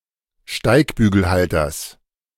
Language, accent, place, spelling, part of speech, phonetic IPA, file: German, Germany, Berlin, Steigbügelhalters, noun, [ˈʃtaɪ̯kbyːɡl̩ˌhaltɐs], De-Steigbügelhalters.ogg
- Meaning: genitive singular of Steigbügelhalter